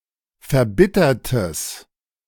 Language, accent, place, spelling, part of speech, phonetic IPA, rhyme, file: German, Germany, Berlin, verbittertes, adjective, [fɛɐ̯ˈbɪtɐtəs], -ɪtɐtəs, De-verbittertes.ogg
- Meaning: strong/mixed nominative/accusative neuter singular of verbittert